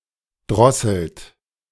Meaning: inflection of drosseln: 1. third-person singular present 2. second-person plural present 3. plural imperative
- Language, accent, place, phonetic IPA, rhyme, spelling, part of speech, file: German, Germany, Berlin, [ˈdʁɔsl̩t], -ɔsl̩t, drosselt, verb, De-drosselt.ogg